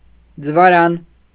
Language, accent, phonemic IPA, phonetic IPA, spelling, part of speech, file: Armenian, Eastern Armenian, /d͡zəvɑˈɾɑn/, [d͡zəvɑɾɑ́n], ձվարան, noun, Hy-ձվարան.ogg
- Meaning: ovary